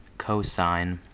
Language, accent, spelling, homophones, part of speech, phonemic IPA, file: English, US, cosign, cosine, verb / noun, /ˈkoʊ.saɪn/, En-us-cosign.ogg
- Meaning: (verb) 1. To sign a document jointly with another person, sometimes as an endorsement 2. To agree with or endorse; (noun) The promotion of one musical artist (usually less successful) by another